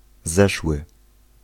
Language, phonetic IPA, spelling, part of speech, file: Polish, [ˈzɛʃwɨ], zeszły, adjective / verb, Pl-zeszły.ogg